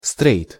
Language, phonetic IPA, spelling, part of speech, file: Russian, [strɛjt], стрейт, noun, Ru-стрейт.ogg
- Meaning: 1. straight 2. straight person (non-gay person)